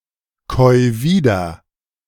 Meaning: 1. singular imperative of wiederkäuen 2. first-person singular present of wiederkäuen
- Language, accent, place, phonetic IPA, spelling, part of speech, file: German, Germany, Berlin, [ˌkɔɪ̯ ˈviːdɐ], käu wieder, verb, De-käu wieder.ogg